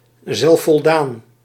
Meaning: self-satisfied, smug
- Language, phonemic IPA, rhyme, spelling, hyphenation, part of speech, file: Dutch, /ˌzɛl.fɔlˈdaːn/, -aːn, zelfvoldaan, zelf‧vol‧daan, adjective, Nl-zelfvoldaan.ogg